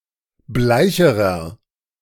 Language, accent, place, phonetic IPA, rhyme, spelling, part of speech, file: German, Germany, Berlin, [ˈblaɪ̯çəʁɐ], -aɪ̯çəʁɐ, bleicherer, adjective, De-bleicherer.ogg
- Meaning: inflection of bleich: 1. strong/mixed nominative masculine singular comparative degree 2. strong genitive/dative feminine singular comparative degree 3. strong genitive plural comparative degree